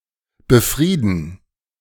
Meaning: to pacify
- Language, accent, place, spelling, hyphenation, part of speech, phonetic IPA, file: German, Germany, Berlin, befrieden, be‧frie‧den, verb, [bəˈfʁiːdn̩], De-befrieden.ogg